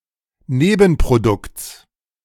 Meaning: genitive singular of Nebenprodukt
- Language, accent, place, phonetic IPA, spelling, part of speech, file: German, Germany, Berlin, [ˈneːbn̩pʁoˌdʊkt͡s], Nebenprodukts, noun, De-Nebenprodukts.ogg